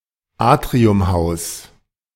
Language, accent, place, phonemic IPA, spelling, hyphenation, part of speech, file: German, Germany, Berlin, /ˈaːtʁiʊmˌhaʊ̯s/, Atriumhaus, At‧rium‧haus, noun, De-Atriumhaus.ogg
- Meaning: A house with a central courtyard